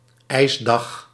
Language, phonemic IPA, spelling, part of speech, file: Dutch, /ˈɛizdɑx/, ijsdag, noun, Nl-ijsdag.ogg
- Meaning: a day on which it freezes all day (specifically, on which the highest temperature is below 0 °C)